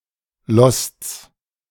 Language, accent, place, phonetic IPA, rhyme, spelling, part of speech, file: German, Germany, Berlin, [lɔst͡s], -ɔst͡s, Losts, noun, De-Losts.ogg
- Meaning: genitive singular of Lost